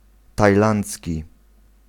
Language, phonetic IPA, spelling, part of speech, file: Polish, [tajˈlãnt͡sʲci], tajlandzki, adjective, Pl-tajlandzki.ogg